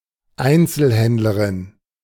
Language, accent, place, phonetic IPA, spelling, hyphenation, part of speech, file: German, Germany, Berlin, [ˈaɪ̯nt͡səlhɛntləʁɪn], Einzelhändlerin, Ein‧zel‧händ‧le‧rin, noun, De-Einzelhändlerin.ogg
- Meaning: female equivalent of Einzelhändler (“retailer”)